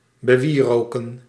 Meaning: 1. to fill or cover with incense 2. to laud, to hail
- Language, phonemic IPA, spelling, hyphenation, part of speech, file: Dutch, /bəˈʋiːroːkə(n)/, bewieroken, be‧wie‧ro‧ken, verb, Nl-bewieroken.ogg